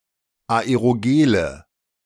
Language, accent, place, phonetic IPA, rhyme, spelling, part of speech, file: German, Germany, Berlin, [aeʁoˈɡeːlə], -eːlə, Aerogele, noun, De-Aerogele.ogg
- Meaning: nominative/accusative/genitive plural of Aerogel